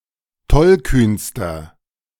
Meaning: inflection of tollkühn: 1. strong/mixed nominative masculine singular superlative degree 2. strong genitive/dative feminine singular superlative degree 3. strong genitive plural superlative degree
- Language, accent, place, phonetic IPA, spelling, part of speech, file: German, Germany, Berlin, [ˈtɔlˌkyːnstɐ], tollkühnster, adjective, De-tollkühnster.ogg